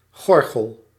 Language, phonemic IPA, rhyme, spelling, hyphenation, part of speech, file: Dutch, /ˈɣɔr.ɣəl/, -ɔrɣəl, gorgel, gor‧gel, noun / verb, Nl-gorgel.ogg
- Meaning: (noun) larynx; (verb) inflection of gorgelen: 1. first-person singular present indicative 2. second-person singular present indicative 3. imperative